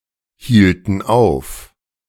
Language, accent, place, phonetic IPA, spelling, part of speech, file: German, Germany, Berlin, [ˌhiːltn̩ ˈaʊ̯f], hielten auf, verb, De-hielten auf.ogg
- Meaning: inflection of aufhalten: 1. first/third-person plural preterite 2. first/third-person plural subjunctive II